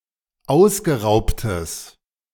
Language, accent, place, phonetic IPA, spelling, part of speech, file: German, Germany, Berlin, [ˈaʊ̯sɡəˌʁaʊ̯ptəs], ausgeraubtes, adjective, De-ausgeraubtes.ogg
- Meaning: strong/mixed nominative/accusative neuter singular of ausgeraubt